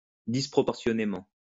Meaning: disproportionately
- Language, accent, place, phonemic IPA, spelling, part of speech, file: French, France, Lyon, /dis.pʁɔ.pɔʁ.sjɔ.ne.mɑ̃/, disproportionnément, adverb, LL-Q150 (fra)-disproportionnément.wav